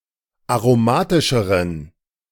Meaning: inflection of aromatisch: 1. strong genitive masculine/neuter singular comparative degree 2. weak/mixed genitive/dative all-gender singular comparative degree
- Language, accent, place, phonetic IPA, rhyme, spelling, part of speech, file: German, Germany, Berlin, [aʁoˈmaːtɪʃəʁən], -aːtɪʃəʁən, aromatischeren, adjective, De-aromatischeren.ogg